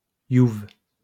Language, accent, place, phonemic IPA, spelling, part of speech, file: French, France, Lyon, /juv/, youv, noun, LL-Q150 (fra)-youv.wav
- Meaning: thug, hooligan